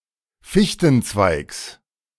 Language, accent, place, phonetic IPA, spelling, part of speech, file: German, Germany, Berlin, [ˈfɪçtn̩ˌt͡svaɪ̯ks], Fichtenzweigs, noun, De-Fichtenzweigs.ogg
- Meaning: genitive singular of Fichtenzweig